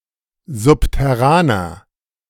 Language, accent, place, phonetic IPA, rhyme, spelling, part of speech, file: German, Germany, Berlin, [ˌzʊptɛˈʁaːnɐ], -aːnɐ, subterraner, adjective, De-subterraner.ogg
- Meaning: inflection of subterran: 1. strong/mixed nominative masculine singular 2. strong genitive/dative feminine singular 3. strong genitive plural